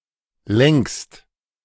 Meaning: second-person singular present of lenken
- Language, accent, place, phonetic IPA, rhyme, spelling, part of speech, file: German, Germany, Berlin, [lɛŋkst], -ɛŋkst, lenkst, verb, De-lenkst.ogg